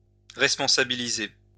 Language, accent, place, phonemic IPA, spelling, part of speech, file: French, France, Lyon, /ʁɛs.pɔ̃.sa.bi.li.ze/, responsabiliser, verb, LL-Q150 (fra)-responsabiliser.wav
- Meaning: to responsibilize, to make responsible, to give responsibilities to